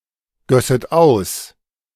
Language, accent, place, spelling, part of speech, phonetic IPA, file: German, Germany, Berlin, gösset aus, verb, [ˌɡœsət ˈaʊ̯s], De-gösset aus.ogg
- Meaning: second-person plural subjunctive II of ausgießen